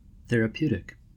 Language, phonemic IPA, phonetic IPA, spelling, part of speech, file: English, /ˌθɛɹ.əˈpju.tɪk/, [ˌθɛɹ.əˈpju.ɾɪk], therapeutic, adjective / noun, En-us-therapeutic.ogg
- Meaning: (adjective) 1. Of, or relating to therapy 2. Having a positive effect on the body or mind; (noun) A therapeutic agent